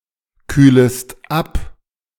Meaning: second-person singular subjunctive I of abkühlen
- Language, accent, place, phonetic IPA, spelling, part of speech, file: German, Germany, Berlin, [ˌkyːləst ˈap], kühlest ab, verb, De-kühlest ab.ogg